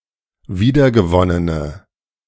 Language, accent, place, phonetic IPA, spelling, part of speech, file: German, Germany, Berlin, [ˈviːdɐɡəˌvɔnənə], wiedergewonnene, adjective, De-wiedergewonnene.ogg
- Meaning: inflection of wiedergewonnen: 1. strong/mixed nominative/accusative feminine singular 2. strong nominative/accusative plural 3. weak nominative all-gender singular